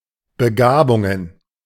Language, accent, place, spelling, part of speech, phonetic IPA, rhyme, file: German, Germany, Berlin, Begabungen, noun, [bəˈɡaːbʊŋən], -aːbʊŋən, De-Begabungen.ogg
- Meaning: plural of Begabung